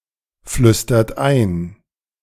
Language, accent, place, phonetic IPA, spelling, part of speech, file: German, Germany, Berlin, [ˌflʏstɐt ˈaɪ̯n], flüstert ein, verb, De-flüstert ein.ogg
- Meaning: inflection of einflüstern: 1. second-person plural present 2. third-person singular present 3. plural imperative